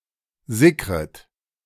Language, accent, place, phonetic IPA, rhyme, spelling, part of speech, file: German, Germany, Berlin, [ˈzɪkʁət], -ɪkʁət, sickret, verb, De-sickret.ogg
- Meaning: second-person plural subjunctive I of sickern